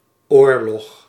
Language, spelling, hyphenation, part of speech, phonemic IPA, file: Dutch, oorlog, oor‧log, noun, /ˈoːr.lɔx/, Nl-oorlog.ogg
- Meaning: war